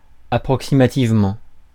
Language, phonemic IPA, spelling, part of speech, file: French, /a.pʁɔk.si.ma.tiv.mɑ̃/, approximativement, adverb, Fr-approximativement.ogg
- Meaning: roughly, approximately